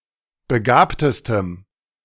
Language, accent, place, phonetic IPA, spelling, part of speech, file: German, Germany, Berlin, [bəˈɡaːptəstəm], begabtestem, adjective, De-begabtestem.ogg
- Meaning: strong dative masculine/neuter singular superlative degree of begabt